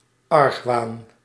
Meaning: suspicion, misgiving
- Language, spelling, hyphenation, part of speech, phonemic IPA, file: Dutch, argwaan, arg‧waan, noun, /ˈɑrx.ʋaːn/, Nl-argwaan.ogg